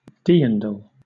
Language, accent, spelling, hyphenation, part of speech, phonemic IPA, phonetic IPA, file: English, Southern England, dirndl, dirn‧dl, noun, /ˈdɜːndl̩/, [ˈdɪəndəɫ], LL-Q1860 (eng)-dirndl.wav
- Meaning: A traditional Alpine woman's dress having a tight bodice and full skirt